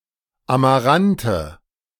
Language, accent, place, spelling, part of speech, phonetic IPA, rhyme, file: German, Germany, Berlin, Amarante, noun, [amaˈʁantə], -antə, De-Amarante.ogg
- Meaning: nominative/accusative/genitive plural of Amarant